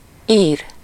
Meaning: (verb) 1. to write (optionally to someone: -nak/-nek, about someone/something: -ról/-ről) 2. to burn (a compact disc); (adjective) Irish (of or relating to Ireland, its people or language)
- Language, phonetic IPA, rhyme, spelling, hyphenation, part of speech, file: Hungarian, [ˈiːr], -iːr, ír, ír, verb / adjective / noun, Hu-ír.ogg